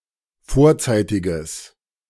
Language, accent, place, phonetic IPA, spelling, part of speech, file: German, Germany, Berlin, [ˈfoːɐ̯ˌt͡saɪ̯tɪɡəs], vorzeitiges, adjective, De-vorzeitiges.ogg
- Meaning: strong/mixed nominative/accusative neuter singular of vorzeitig